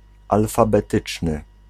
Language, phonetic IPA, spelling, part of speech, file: Polish, [ˌalfabɛˈtɨt͡ʃnɨ], alfabetyczny, adjective, Pl-alfabetyczny.ogg